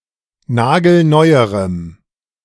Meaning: strong dative masculine/neuter singular comparative degree of nagelneu
- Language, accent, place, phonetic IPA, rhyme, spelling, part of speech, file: German, Germany, Berlin, [ˈnaːɡl̩ˈnɔɪ̯əʁəm], -ɔɪ̯əʁəm, nagelneuerem, adjective, De-nagelneuerem.ogg